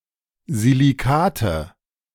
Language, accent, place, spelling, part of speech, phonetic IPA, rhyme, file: German, Germany, Berlin, Silikate, noun, [ziliˈkaːtə], -aːtə, De-Silikate.ogg
- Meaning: nominative/accusative/genitive plural of Silikat